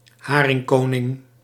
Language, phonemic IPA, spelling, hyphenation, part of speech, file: Dutch, /ˈɦaː.rɪŋˌkoː.nɪŋ/, haringkoning, ha‧ring‧ko‧ning, noun, Nl-haringkoning.ogg
- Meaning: 1. king of herrings (mythological large golden herring) 2. giant oarfish, king of herrings (Regalecus glesne)